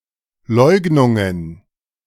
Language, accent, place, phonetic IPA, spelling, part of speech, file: German, Germany, Berlin, [ˈlɔɪ̯ɡnʊŋən], Leugnungen, noun, De-Leugnungen.ogg
- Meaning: plural of Leugnung